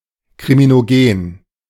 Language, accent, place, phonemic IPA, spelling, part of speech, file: German, Germany, Berlin, /kʁiminoˈɡeːn/, kriminogen, adjective, De-kriminogen.ogg
- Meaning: criminogenic